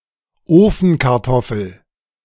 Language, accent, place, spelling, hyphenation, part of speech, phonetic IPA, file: German, Germany, Berlin, Ofenkartoffel, Ofen‧kar‧tof‧fel, noun, [ˈoːfn̩kaʁˌtɔfl̩], De-Ofenkartoffel.ogg
- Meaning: baked potato